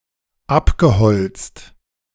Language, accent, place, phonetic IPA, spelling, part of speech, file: German, Germany, Berlin, [ˈapɡəˌhɔlt͡st], abgeholzt, verb, De-abgeholzt.ogg
- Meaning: past participle of abholzen